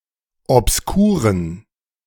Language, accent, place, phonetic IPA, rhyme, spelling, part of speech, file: German, Germany, Berlin, [ɔpsˈkuːʁən], -uːʁən, obskuren, adjective, De-obskuren.ogg
- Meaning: inflection of obskur: 1. strong genitive masculine/neuter singular 2. weak/mixed genitive/dative all-gender singular 3. strong/weak/mixed accusative masculine singular 4. strong dative plural